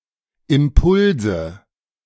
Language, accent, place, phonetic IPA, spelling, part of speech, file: German, Germany, Berlin, [ɪmˈpʊlzə], Impulse, noun, De-Impulse.ogg
- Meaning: nominative/accusative/genitive plural of Impuls